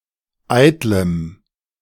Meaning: strong dative masculine/neuter singular of eitel
- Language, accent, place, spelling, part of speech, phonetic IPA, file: German, Germany, Berlin, eitlem, adjective, [ˈaɪ̯tləm], De-eitlem.ogg